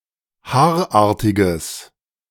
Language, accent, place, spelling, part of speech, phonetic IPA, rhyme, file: German, Germany, Berlin, haarartiges, adjective, [ˈhaːɐ̯ˌʔaːɐ̯tɪɡəs], -aːɐ̯ʔaːɐ̯tɪɡəs, De-haarartiges.ogg
- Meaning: strong/mixed nominative/accusative neuter singular of haarartig